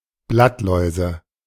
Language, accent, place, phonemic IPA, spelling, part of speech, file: German, Germany, Berlin, /ˈblatˌlɔɪ̯zə/, Blattläuse, noun, De-Blattläuse.ogg
- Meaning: nominative/accusative/genitive plural of Blattlaus